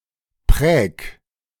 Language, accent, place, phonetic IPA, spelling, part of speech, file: German, Germany, Berlin, [pʁɛːk], präg, verb, De-präg.ogg
- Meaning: 1. singular imperative of prägen 2. first-person singular present of prägen